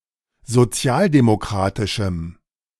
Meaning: strong dative masculine/neuter singular of sozialdemokratisch
- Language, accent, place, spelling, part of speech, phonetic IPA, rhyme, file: German, Germany, Berlin, sozialdemokratischem, adjective, [zoˈt͡si̯aːldemoˌkʁaːtɪʃm̩], -aːldemokʁaːtɪʃm̩, De-sozialdemokratischem.ogg